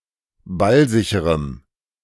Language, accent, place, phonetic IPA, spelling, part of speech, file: German, Germany, Berlin, [ˈbalˌzɪçəʁəm], ballsicherem, adjective, De-ballsicherem.ogg
- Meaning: strong dative masculine/neuter singular of ballsicher